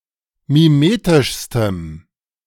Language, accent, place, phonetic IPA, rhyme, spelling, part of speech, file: German, Germany, Berlin, [miˈmeːtɪʃstəm], -eːtɪʃstəm, mimetischstem, adjective, De-mimetischstem.ogg
- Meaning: strong dative masculine/neuter singular superlative degree of mimetisch